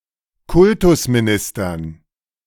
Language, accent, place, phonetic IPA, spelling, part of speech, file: German, Germany, Berlin, [ˈkʊltʊsmiˌnɪstɐn], Kultusministern, noun, De-Kultusministern.ogg
- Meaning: dative plural of Kultusminister